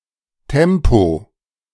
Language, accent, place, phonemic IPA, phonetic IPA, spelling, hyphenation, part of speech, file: German, Germany, Berlin, /ˈtɛmpo/, [ˈtʰɛmpʰo], Tempo, Tem‧po, noun, De-Tempo.ogg
- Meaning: 1. tempo, pace (rate, speed) 2. tissue (paper handkerchief)